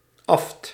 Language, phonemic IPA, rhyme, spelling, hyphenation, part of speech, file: Dutch, /ɑft/, -ɑft, aft, aft, noun, Nl-aft.ogg
- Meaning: aphtha (a sore in the mucous membrane of the mouth)